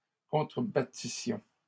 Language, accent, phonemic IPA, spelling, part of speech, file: French, Canada, /kɔ̃.tʁə.ba.ti.sjɔ̃/, contrebattissions, verb, LL-Q150 (fra)-contrebattissions.wav
- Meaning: first-person plural imperfect subjunctive of contrebattre